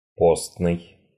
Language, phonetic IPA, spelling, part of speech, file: Russian, [ˈposnɨj], постный, adjective, Ru-постный.ogg
- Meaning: 1. Lenten 2. lean 3. pious, hypocritical, glum